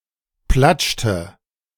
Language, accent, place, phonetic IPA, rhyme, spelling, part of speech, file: German, Germany, Berlin, [ˈplat͡ʃtə], -at͡ʃtə, platschte, verb, De-platschte.ogg
- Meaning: inflection of platschen: 1. first/third-person singular preterite 2. first/third-person singular subjunctive II